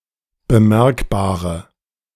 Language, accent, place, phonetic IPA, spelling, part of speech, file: German, Germany, Berlin, [bəˈmɛʁkbaːʁə], bemerkbare, adjective, De-bemerkbare.ogg
- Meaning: inflection of bemerkbar: 1. strong/mixed nominative/accusative feminine singular 2. strong nominative/accusative plural 3. weak nominative all-gender singular